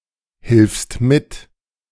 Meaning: second-person singular present of mithelfen
- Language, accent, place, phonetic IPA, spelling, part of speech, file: German, Germany, Berlin, [hɪlfst ˈmɪt], hilfst mit, verb, De-hilfst mit.ogg